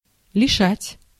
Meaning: 1. to deprive, to rob, to bereave 2. to devest, to forjudge, to dispossess
- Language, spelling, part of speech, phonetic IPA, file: Russian, лишать, verb, [lʲɪˈʂatʲ], Ru-лишать.ogg